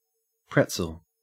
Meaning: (noun) 1. A toasted bread or cracker usually in the shape of a loose knot 2. Anything that is knotted, twisted, or tangled; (verb) To bend, twist, or contort
- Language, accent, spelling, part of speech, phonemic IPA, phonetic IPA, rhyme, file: English, Australia, pretzel, noun / verb, /ˈpɹɛt.səl/, [ˈpʰɹɛʔt͡sɫ̩], -ɛtsəl, En-au-pretzel.ogg